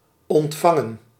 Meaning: 1. to receive 2. past participle of ontvangen
- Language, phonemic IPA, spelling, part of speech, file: Dutch, /ɔntˈfɑŋə(n)/, ontvangen, verb, Nl-ontvangen.ogg